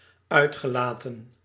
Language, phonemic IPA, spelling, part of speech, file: Dutch, /ˈœytxəˌlatə(n)/, uitgelaten, verb / adjective, Nl-uitgelaten.ogg
- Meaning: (verb) past participle of uitlaten; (adjective) exuberant, ebullient, elated